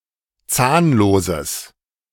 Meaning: strong/mixed nominative/accusative neuter singular of zahnlos
- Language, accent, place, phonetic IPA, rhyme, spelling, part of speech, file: German, Germany, Berlin, [ˈt͡saːnloːzəs], -aːnloːzəs, zahnloses, adjective, De-zahnloses.ogg